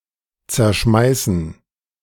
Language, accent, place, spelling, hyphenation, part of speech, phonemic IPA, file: German, Germany, Berlin, zerschmeißen, zer‧schmei‧ßen, verb, /t͡sɛɐ̯ˈʃmaɪ̯sn̩/, De-zerschmeißen.ogg
- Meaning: to break by throwing